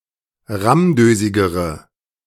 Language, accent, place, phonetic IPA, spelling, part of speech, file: German, Germany, Berlin, [ˈʁamˌdøːzɪɡəʁə], rammdösigere, adjective, De-rammdösigere.ogg
- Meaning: inflection of rammdösig: 1. strong/mixed nominative/accusative feminine singular comparative degree 2. strong nominative/accusative plural comparative degree